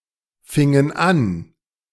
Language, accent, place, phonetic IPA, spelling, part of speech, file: German, Germany, Berlin, [ˌfɪŋən ˈan], fingen an, verb, De-fingen an.ogg
- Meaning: inflection of anfangen: 1. first/third-person plural preterite 2. first/third-person plural subjunctive II